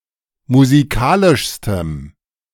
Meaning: strong dative masculine/neuter singular superlative degree of musikalisch
- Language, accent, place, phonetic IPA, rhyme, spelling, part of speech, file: German, Germany, Berlin, [muziˈkaːlɪʃstəm], -aːlɪʃstəm, musikalischstem, adjective, De-musikalischstem.ogg